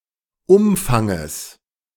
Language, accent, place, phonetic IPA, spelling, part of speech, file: German, Germany, Berlin, [ˈʊmfaŋəs], Umfanges, noun, De-Umfanges.ogg
- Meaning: genitive singular of Umfang